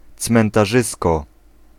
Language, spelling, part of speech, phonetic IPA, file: Polish, cmentarzysko, noun, [ˌt͡smɛ̃ntaˈʒɨskɔ], Pl-cmentarzysko.ogg